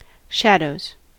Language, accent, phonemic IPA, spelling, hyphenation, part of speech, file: English, US, /ˈʃædoʊz/, shadows, shad‧ows, noun / verb, En-us-shadows.ogg
- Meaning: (noun) plural of shadow; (verb) third-person singular simple present indicative of shadow